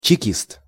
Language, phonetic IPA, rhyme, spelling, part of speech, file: Russian, [t͡ɕɪˈkʲist], -ist, чекист, noun, Ru-чекист.ogg
- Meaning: Chekist; an agent of the Cheka, the Soviet Russian secret police from 1917 to 1922, replacing the Okhrana secret police of Tsarist Russia; succeeded by the OGPU and NKVD